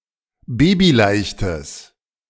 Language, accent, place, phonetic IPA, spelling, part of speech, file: German, Germany, Berlin, [ˈbeːbiˌlaɪ̯çtəs], babyleichtes, adjective, De-babyleichtes.ogg
- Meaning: strong/mixed nominative/accusative neuter singular of babyleicht